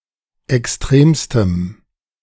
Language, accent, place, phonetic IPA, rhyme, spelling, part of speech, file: German, Germany, Berlin, [ɛksˈtʁeːmstəm], -eːmstəm, extremstem, adjective, De-extremstem.ogg
- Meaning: strong dative masculine/neuter singular superlative degree of extrem